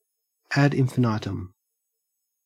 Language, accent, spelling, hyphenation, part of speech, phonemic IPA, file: English, Australia, ad infinitum, ad in‧fi‧ni‧tum, adverb, /æːd ˌɪn.fəˈnɑɪ.təm/, En-au-ad infinitum.ogg
- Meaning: Endlessly; for ever; never-endingly